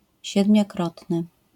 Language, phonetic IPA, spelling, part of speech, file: Polish, [ˌɕɛdmʲjɔˈkrɔtnɨ], siedmiokrotny, adjective, LL-Q809 (pol)-siedmiokrotny.wav